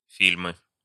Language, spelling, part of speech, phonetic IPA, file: Russian, фильмы, noun, [ˈfʲilʲmɨ], Ru-фильмы.ogg
- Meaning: nominative/accusative plural of фильм (filʹm)